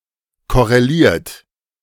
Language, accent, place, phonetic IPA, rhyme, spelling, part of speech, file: German, Germany, Berlin, [ˌkɔʁeˈliːɐ̯t], -iːɐ̯t, korreliert, verb, De-korreliert.ogg
- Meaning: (verb) past participle of korrelieren; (adjective) correlated